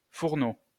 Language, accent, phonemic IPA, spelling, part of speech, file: French, France, /fuʁ.no/, Fourneau, proper noun, LL-Q150 (fra)-Fourneau.wav
- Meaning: 1. a surname 2. Fornax (constellation)